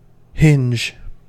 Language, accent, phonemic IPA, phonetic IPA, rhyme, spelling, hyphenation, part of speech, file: English, US, /ˈhɪnd͡ʒ/, [ˈhɪnd͡ʒ], -ɪndʒ, hinge, hinge, noun / verb, En-us-hinge.ogg
- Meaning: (noun) 1. A jointed or flexible device that allows the pivoting of a door etc 2. A naturally occurring joint resembling such hardware in form or action, as in the shell of a bivalve